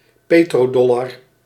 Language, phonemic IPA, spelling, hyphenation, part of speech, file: Dutch, /ˈpeː.troːˌdɔ.lɑr/, petrodollar, pe‧tro‧dol‧lar, noun, Nl-petrodollar.ogg
- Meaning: petrodollar (dollar earned from oil sales)